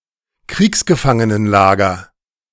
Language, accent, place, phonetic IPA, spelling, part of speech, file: German, Germany, Berlin, [ˈkʁiːksɡəfaŋənənˌlaːɡɐ], Kriegsgefangenenlager, noun, De-Kriegsgefangenenlager.ogg
- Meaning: prisoner-of-war camp